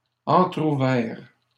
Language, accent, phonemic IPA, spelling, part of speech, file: French, Canada, /ɑ̃.tʁu.vɛʁ/, entrouvert, verb / adjective, LL-Q150 (fra)-entrouvert.wav
- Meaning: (verb) past participle of entrouvrir; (adjective) half-opened